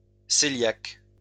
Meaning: celiac
- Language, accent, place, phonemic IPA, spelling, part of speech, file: French, France, Lyon, /se.ljak/, cœliaque, adjective, LL-Q150 (fra)-cœliaque.wav